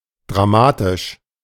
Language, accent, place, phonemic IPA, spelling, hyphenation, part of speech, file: German, Germany, Berlin, /dʁaˈmaːtɪʃ/, dramatisch, dra‧ma‧tisch, adjective, De-dramatisch.ogg
- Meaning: dramatic